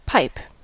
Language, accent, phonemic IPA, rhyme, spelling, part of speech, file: English, General American, /ˈpaɪp/, -aɪp, pipe, noun / verb, En-us-pipe.ogg
- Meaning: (noun) Meanings relating to a wind instrument.: A wind instrument consisting of a tube, often lined with holes to allow for adjustment in pitch, sounded by blowing into the tube